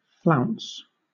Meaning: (verb) 1. To move in a bouncy, exaggerated manner 2. To depart in a dramatic, haughty way that draws attention to oneself 3. To flounder; to make spastic motions 4. To decorate with a flounce
- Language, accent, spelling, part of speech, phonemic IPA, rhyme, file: English, Southern England, flounce, verb / noun, /flaʊns/, -aʊns, LL-Q1860 (eng)-flounce.wav